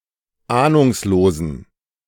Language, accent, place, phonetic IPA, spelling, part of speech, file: German, Germany, Berlin, [ˈaːnʊŋsloːzn̩], ahnungslosen, adjective, De-ahnungslosen.ogg
- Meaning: inflection of ahnungslos: 1. strong genitive masculine/neuter singular 2. weak/mixed genitive/dative all-gender singular 3. strong/weak/mixed accusative masculine singular 4. strong dative plural